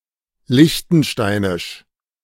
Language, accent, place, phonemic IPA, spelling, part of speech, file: German, Germany, Berlin, /ˈlɪçtn̩ˌʃtaɪ̯nɪʃ/, liechtensteinisch, adjective, De-liechtensteinisch.ogg
- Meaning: of Liechtenstein